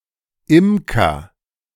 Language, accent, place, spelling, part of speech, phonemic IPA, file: German, Germany, Berlin, Imker, noun, /ˈɪmkɐ/, De-Imker.ogg
- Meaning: beekeeper (male or of unspecified gender)